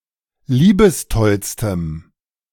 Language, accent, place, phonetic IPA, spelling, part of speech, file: German, Germany, Berlin, [ˈliːbəsˌtɔlstəm], liebestollstem, adjective, De-liebestollstem.ogg
- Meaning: strong dative masculine/neuter singular superlative degree of liebestoll